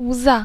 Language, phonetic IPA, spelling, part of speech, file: Polish, [wza], łza, noun, Pl-łza.ogg